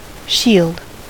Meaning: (noun) Anything that protects or defends; defense; shelter; protection.: A broad piece of defensive armor, held in hand, formerly in general use in war, for the protection of the body
- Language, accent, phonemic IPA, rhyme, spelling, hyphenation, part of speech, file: English, US, /ˈʃild/, -iːld, shield, shield, noun / verb, En-us-shield.ogg